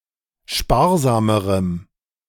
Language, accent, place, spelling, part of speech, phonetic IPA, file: German, Germany, Berlin, sparsamerem, adjective, [ˈʃpaːɐ̯ˌzaːməʁəm], De-sparsamerem.ogg
- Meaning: strong dative masculine/neuter singular comparative degree of sparsam